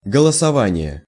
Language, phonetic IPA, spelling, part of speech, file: Russian, [ɡəɫəsɐˈvanʲɪje], голосование, noun, Ru-голосование.ogg
- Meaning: 1. voting, poll, polling 2. hitchhiking (from raising a hand as if voting)